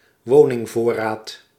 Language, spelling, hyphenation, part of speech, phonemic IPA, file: Dutch, woningvoorraad, wo‧ning‧voor‧raad, noun, /ˈʋoː.nɪŋˌvoː.raːt/, Nl-woningvoorraad.ogg
- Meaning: housing stock